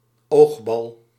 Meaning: eyeball
- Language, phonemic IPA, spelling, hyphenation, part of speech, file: Dutch, /ˈoːx.bɑl/, oogbal, oog‧bal, noun, Nl-oogbal.ogg